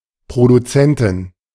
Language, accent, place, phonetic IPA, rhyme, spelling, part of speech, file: German, Germany, Berlin, [pʁoduˈt͡sɛntɪn], -ɛntɪn, Produzentin, noun, De-Produzentin.ogg
- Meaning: female equivalent of Produzent